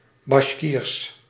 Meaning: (proper noun) Bashkir, the Bashkir language; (adjective) Bashkir, Bashkirian
- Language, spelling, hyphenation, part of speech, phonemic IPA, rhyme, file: Dutch, Basjkiers, Basj‧kiers, proper noun / adjective, /bɑʃˈkiːrs/, -iːrs, Nl-Basjkiers.ogg